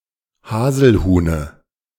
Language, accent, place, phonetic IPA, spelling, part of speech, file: German, Germany, Berlin, [ˈhaːzl̩ˌhuːnə], Haselhuhne, noun, De-Haselhuhne.ogg
- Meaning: dative singular of Haselhuhn